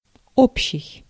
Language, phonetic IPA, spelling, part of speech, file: Russian, [ˈopɕːɪj], общий, adjective, Ru-общий.ogg
- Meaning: 1. common 2. public 3. total, whole 4. general 5. ellipsis of общий салам (obščij salam): a friendly collective greeting (mainly in Islamic regions); greetings to all